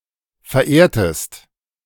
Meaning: inflection of verehren: 1. second-person singular preterite 2. second-person singular subjunctive II
- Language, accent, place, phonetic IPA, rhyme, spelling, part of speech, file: German, Germany, Berlin, [fɛɐ̯ˈʔeːɐ̯təst], -eːɐ̯təst, verehrtest, verb, De-verehrtest.ogg